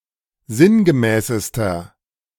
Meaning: inflection of sinngemäß: 1. strong/mixed nominative masculine singular superlative degree 2. strong genitive/dative feminine singular superlative degree 3. strong genitive plural superlative degree
- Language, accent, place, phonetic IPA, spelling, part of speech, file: German, Germany, Berlin, [ˈzɪnɡəˌmɛːsəstɐ], sinngemäßester, adjective, De-sinngemäßester.ogg